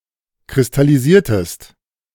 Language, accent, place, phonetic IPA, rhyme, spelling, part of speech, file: German, Germany, Berlin, [kʁɪstaliˈziːɐ̯təst], -iːɐ̯təst, kristallisiertest, verb, De-kristallisiertest.ogg
- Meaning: inflection of kristallisieren: 1. second-person singular preterite 2. second-person singular subjunctive II